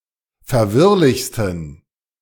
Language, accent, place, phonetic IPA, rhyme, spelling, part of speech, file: German, Germany, Berlin, [fɛɐ̯ˈvɪʁlɪçstn̩], -ɪʁlɪçstn̩, verwirrlichsten, adjective, De-verwirrlichsten.ogg
- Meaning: 1. superlative degree of verwirrlich 2. inflection of verwirrlich: strong genitive masculine/neuter singular superlative degree